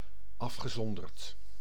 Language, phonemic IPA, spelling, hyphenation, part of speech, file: Dutch, /ɑf.xəˌzɔn.dərt/, afgezonderd, af‧ge‧zon‧derd, adjective / adverb / verb, Nl-afgezonderd.ogg
- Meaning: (adjective) isolated; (adverb) in isolation; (verb) past participle of afzonderen